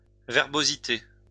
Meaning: verbosity, wordiness
- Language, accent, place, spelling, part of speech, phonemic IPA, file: French, France, Lyon, verbosité, noun, /vɛʁ.bo.zi.te/, LL-Q150 (fra)-verbosité.wav